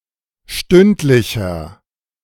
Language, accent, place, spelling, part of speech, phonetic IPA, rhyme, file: German, Germany, Berlin, stündlicher, adjective, [ˈʃtʏntlɪçɐ], -ʏntlɪçɐ, De-stündlicher.ogg
- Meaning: inflection of stündlich: 1. strong/mixed nominative masculine singular 2. strong genitive/dative feminine singular 3. strong genitive plural